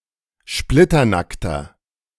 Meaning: inflection of splitternackt: 1. strong/mixed nominative masculine singular 2. strong genitive/dative feminine singular 3. strong genitive plural
- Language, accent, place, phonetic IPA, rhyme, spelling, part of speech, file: German, Germany, Berlin, [ˈʃplɪtɐˌnaktɐ], -aktɐ, splitternackter, adjective, De-splitternackter.ogg